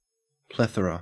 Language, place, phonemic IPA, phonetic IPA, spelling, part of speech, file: English, Queensland, /ˈpleθəɹə/, [ˈpleθɹə], plethora, noun, En-au-plethora.ogg
- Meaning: 1. An excessive amount or number; an abundance 2. Excess of blood in the skin, especially in the face and especially chronically